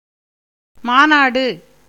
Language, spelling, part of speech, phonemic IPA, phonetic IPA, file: Tamil, மாநாடு, noun, /mɑːnɑːɖɯ/, [mäːnäːɖɯ], Ta-மாநாடு.ogg
- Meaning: conference, summit, meeting